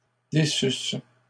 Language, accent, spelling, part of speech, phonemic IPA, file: French, Canada, déçussent, verb, /de.sys/, LL-Q150 (fra)-déçussent.wav
- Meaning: third-person plural imperfect subjunctive of décevoir